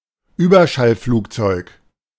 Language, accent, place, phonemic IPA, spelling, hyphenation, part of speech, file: German, Germany, Berlin, /ˈyːbɐʃalˌfluːkt͡sɔɪ̯k/, Überschallflugzeug, Über‧schall‧flug‧zeug, noun, De-Überschallflugzeug.ogg
- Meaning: supersonic aircraft